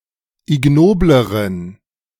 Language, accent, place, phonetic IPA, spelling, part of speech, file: German, Germany, Berlin, [ɪˈɡnoːbləʁən], ignobleren, adjective, De-ignobleren.ogg
- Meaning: inflection of ignobel: 1. strong genitive masculine/neuter singular comparative degree 2. weak/mixed genitive/dative all-gender singular comparative degree